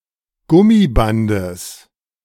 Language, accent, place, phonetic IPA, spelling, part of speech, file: German, Germany, Berlin, [ˈɡʊmiˌbandəs], Gummibandes, noun, De-Gummibandes.ogg
- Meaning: genitive of Gummiband